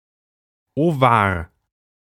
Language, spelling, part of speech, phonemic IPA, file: German, Ovar, noun, /oˈvaːʁ/, De-Ovar.ogg
- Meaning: ovary (female organ)